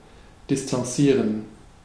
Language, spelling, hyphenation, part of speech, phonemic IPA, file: German, distanzieren, di‧s‧tan‧zie‧ren, verb, /dɪstanˈt͡siːʁən/, De-distanzieren.ogg
- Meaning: 1. to distance 2. to leave behind 3. to disavow, to repudiate